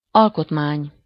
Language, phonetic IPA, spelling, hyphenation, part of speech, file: Hungarian, [ˈɒlkotmaːɲ], alkotmány, al‧kot‧mány, noun, Hu-alkotmány.ogg
- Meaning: 1. constitution 2. structure, construction